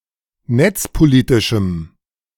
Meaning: strong dative masculine/neuter singular of netzpolitisch
- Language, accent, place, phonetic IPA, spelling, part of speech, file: German, Germany, Berlin, [ˈnɛt͡spoˌliːtɪʃm̩], netzpolitischem, adjective, De-netzpolitischem.ogg